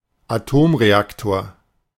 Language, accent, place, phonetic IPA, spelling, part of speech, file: German, Germany, Berlin, [aˈtoːmʁeˌaktoːɐ̯], Atomreaktor, noun, De-Atomreaktor.ogg
- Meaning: synonym of Kernreaktor